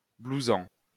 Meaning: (verb) present participle of blouser; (adjective) loose-fitting
- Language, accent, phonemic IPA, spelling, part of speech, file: French, France, /blu.zɑ̃/, blousant, verb / adjective, LL-Q150 (fra)-blousant.wav